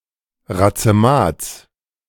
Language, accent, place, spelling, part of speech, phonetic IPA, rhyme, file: German, Germany, Berlin, Razemats, noun, [ʁat͡səˈmaːt͡s], -aːt͡s, De-Razemats.ogg
- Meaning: genitive singular of Razemat